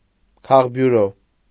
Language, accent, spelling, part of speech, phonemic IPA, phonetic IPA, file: Armenian, Eastern Armenian, քաղբյուրո, noun, /kʰɑʁbjuˈɾo/, [kʰɑʁbjuɾó], Hy-քաղբյուրո.ogg
- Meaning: acronym of քաղաքական բյուրո (kʻaġakʻakan byuro), politburo